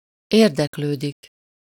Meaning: 1. to be interested (to show interest in someone or something: iránt) 2. to inquire (about someone or something: után or felől or -ról/-ről)
- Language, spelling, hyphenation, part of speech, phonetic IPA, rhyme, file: Hungarian, érdeklődik, ér‧dek‧lő‧dik, verb, [ˈeːrdɛkløːdik], -øːdik, Hu-érdeklődik.ogg